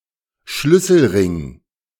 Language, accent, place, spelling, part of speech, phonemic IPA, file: German, Germany, Berlin, Schlüsselring, noun, /ˈʃlʏsl̩ˌʁɪŋ/, De-Schlüsselring.ogg
- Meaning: keyring